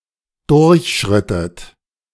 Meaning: inflection of durchschreiten: 1. second-person plural preterite 2. second-person plural subjunctive II
- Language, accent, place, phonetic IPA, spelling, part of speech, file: German, Germany, Berlin, [ˈdʊʁçˌʃʁɪtət], durchschrittet, verb, De-durchschrittet.ogg